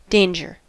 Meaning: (noun) 1. Exposure to likely harm; risk of death or serious injury 2. An instance or cause of likely serious harm 3. Mischief 4. The stop indication of a signal (usually in the phrase "at danger")
- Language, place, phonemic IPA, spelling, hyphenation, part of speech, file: English, California, /ˈdeɪn.d͡ʒɚ/, danger, dan‧ger, noun / verb, En-us-danger.ogg